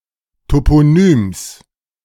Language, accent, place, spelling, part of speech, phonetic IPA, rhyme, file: German, Germany, Berlin, Toponyms, noun, [ˌtopoˈnyːms], -yːms, De-Toponyms.ogg
- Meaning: genitive singular of Toponym